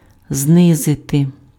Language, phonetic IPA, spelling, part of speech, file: Ukrainian, [ˈznɪzete], знизити, verb, Uk-знизити.ogg
- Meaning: 1. to lower, to bring down 2. to reduce, to decrease, to cut 3. to shrug (one's shoulders)